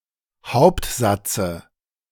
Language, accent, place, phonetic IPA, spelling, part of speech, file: German, Germany, Berlin, [ˈhaʊ̯ptˌzat͡sə], Hauptsatze, noun, De-Hauptsatze.ogg
- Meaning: dative singular of Hauptsatz